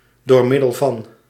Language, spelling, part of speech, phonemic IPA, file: Dutch, d.m.v., preposition, /dorˈmɪdəlˌvɑn/, Nl-d.m.v..ogg
- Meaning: abbreviation of door middel van